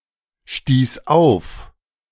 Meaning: first/third-person singular preterite of aufstoßen
- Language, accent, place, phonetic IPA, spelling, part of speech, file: German, Germany, Berlin, [ˌʃtiːs ˈaʊ̯f], stieß auf, verb, De-stieß auf.ogg